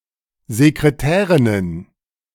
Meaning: plural of Sekretärin
- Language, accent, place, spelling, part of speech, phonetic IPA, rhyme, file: German, Germany, Berlin, Sekretärinnen, noun, [zekʁeˈtɛːʁɪnən], -ɛːʁɪnən, De-Sekretärinnen.ogg